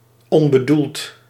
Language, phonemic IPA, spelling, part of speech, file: Dutch, /ˌɔmbəˈdult/, onbedoeld, adjective, Nl-onbedoeld.ogg
- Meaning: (adjective) unintentional; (adverb) unintentionally